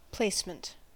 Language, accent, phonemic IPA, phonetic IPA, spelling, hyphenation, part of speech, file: English, US, /ˈpleːsmənt/, [ˈpʰleːsmn̩t], placement, place‧ment, noun, En-us-placement.ogg
- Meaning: 1. The act of placing or putting in place; the act of locating or positioning; the state of being placed 2. A location or position 3. The act of matching a person with a job